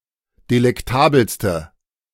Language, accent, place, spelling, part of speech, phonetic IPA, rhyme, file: German, Germany, Berlin, delektabelste, adjective, [delɛkˈtaːbl̩stə], -aːbl̩stə, De-delektabelste.ogg
- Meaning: inflection of delektabel: 1. strong/mixed nominative/accusative feminine singular superlative degree 2. strong nominative/accusative plural superlative degree